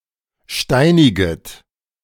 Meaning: second-person plural subjunctive I of steinigen
- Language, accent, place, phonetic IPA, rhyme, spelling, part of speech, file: German, Germany, Berlin, [ˈʃtaɪ̯nɪɡət], -aɪ̯nɪɡət, steiniget, verb, De-steiniget.ogg